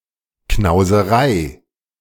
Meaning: stinginess
- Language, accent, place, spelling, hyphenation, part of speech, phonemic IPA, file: German, Germany, Berlin, Knauserei, Knau‧se‧rei, noun, /knaʊ̯zəˈʁaɪ̯/, De-Knauserei.ogg